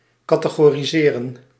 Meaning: to categorize
- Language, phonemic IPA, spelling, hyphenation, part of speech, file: Dutch, /ˌkɑtəɣoːriˈzeːrə(n)/, categoriseren, ca‧te‧go‧ri‧se‧ren, verb, Nl-categoriseren.ogg